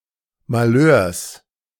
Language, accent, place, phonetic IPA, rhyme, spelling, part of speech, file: German, Germany, Berlin, [maˈløːɐ̯s], -øːɐ̯s, Malheurs, noun, De-Malheurs.ogg
- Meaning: genitive singular of Malheur